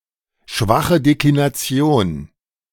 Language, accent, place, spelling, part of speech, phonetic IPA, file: German, Germany, Berlin, schwache Deklination, noun, [ˈʃvaχə ˌdeklinaˈt͡si̯oːn], De-schwache Deklination.ogg
- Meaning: weak declension